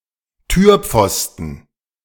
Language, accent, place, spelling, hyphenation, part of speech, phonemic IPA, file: German, Germany, Berlin, Türpfosten, Tür‧pfos‧ten, noun, /ˈtyːɐ̯ˌp͡fɔstn̩/, De-Türpfosten.ogg
- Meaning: doorjamb, doorpost